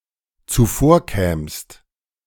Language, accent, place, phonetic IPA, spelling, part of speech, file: German, Germany, Berlin, [t͡suˈfoːɐ̯ˌkɛːmst], zuvorkämst, verb, De-zuvorkämst.ogg
- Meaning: second-person singular dependent subjunctive II of zuvorkommen